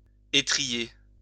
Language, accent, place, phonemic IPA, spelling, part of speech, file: French, France, Lyon, /e.tʁi.je/, étriller, verb, LL-Q150 (fra)-étriller.wav
- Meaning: 1. to curry (a horse), to groom 2. to crush, to trounce 3. to critique, to reprimand